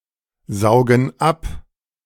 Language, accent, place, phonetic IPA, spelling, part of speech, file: German, Germany, Berlin, [ˌzaʊ̯ɡn̩ ˈap], saugen ab, verb, De-saugen ab.ogg
- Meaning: inflection of absaugen: 1. first/third-person plural present 2. first/third-person plural subjunctive I